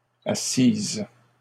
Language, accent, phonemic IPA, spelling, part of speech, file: French, Canada, /a.sis/, assisse, verb, LL-Q150 (fra)-assisse.wav
- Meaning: first-person singular imperfect subjunctive of asseoir